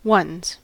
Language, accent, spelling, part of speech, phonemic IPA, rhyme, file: English, US, ones, noun / pronoun / verb, /wʌnz/, -ʌnz, En-us-ones.ogg
- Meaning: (noun) 1. plural of one 2. A senior or first team (as opposed to a reserves team) 3. The cells located on the ground floor; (pronoun) Obsolete form of one's